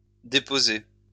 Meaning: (adjective) registered, recorded; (verb) past participle of déposer
- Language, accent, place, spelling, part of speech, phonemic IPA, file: French, France, Lyon, déposé, adjective / verb, /de.po.ze/, LL-Q150 (fra)-déposé.wav